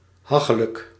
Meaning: precarious, insecure, dangerous
- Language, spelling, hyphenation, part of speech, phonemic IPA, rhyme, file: Dutch, hachelijk, ha‧che‧lijk, adjective, /ˈɦɑ.xə.lək/, -ɑxələk, Nl-hachelijk.ogg